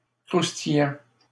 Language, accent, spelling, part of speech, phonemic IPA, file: French, Canada, croustillant, adjective / verb, /kʁus.ti.jɑ̃/, LL-Q150 (fra)-croustillant.wav
- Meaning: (adjective) 1. crispy, crunchy 2. suggestive, bawdy, filthy, saucy; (verb) present participle of croustiller